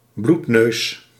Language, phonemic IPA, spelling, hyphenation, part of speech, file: Dutch, /ˈblut.nøːs/, bloedneus, bloed‧neus, noun, Nl-bloedneus.ogg
- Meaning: a nosebleed